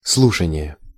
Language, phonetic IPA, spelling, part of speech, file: Russian, [ˈsɫuʂənʲɪje], слушание, noun, Ru-слушание.ogg
- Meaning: 1. listening (act of listening) 2. hearing (proceeding at which discussions are heard)